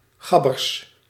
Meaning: plural of gabber
- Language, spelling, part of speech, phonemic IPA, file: Dutch, gabbers, noun, /ˈɣɑbərs/, Nl-gabbers.ogg